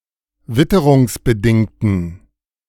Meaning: inflection of witterungsbedingt: 1. strong genitive masculine/neuter singular 2. weak/mixed genitive/dative all-gender singular 3. strong/weak/mixed accusative masculine singular
- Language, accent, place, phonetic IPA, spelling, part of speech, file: German, Germany, Berlin, [ˈvɪtəʁʊŋsbəˌdɪŋtn̩], witterungsbedingten, adjective, De-witterungsbedingten.ogg